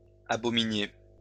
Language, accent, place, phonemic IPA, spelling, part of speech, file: French, France, Lyon, /a.bɔ.mi.nje/, abominiez, verb, LL-Q150 (fra)-abominiez.wav
- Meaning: inflection of abominer: 1. second-person plural imperfect indicative 2. second-person plural present subjunctive